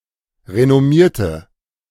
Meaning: inflection of renommieren: 1. first/third-person singular preterite 2. first/third-person singular subjunctive II
- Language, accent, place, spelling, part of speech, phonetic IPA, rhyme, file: German, Germany, Berlin, renommierte, adjective / verb, [ʁenɔˈmiːɐ̯tə], -iːɐ̯tə, De-renommierte.ogg